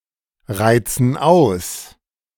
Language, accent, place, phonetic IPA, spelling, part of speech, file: German, Germany, Berlin, [ˌʁaɪ̯t͡sn̩ ˈaʊ̯s], reizen aus, verb, De-reizen aus.ogg
- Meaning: inflection of ausreizen: 1. first/third-person plural present 2. first/third-person plural subjunctive I